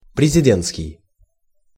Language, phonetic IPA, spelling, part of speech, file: Russian, [prʲɪzʲɪˈdʲen(t)skʲɪj], президентский, adjective, Ru-президентский.ogg
- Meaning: president; presidential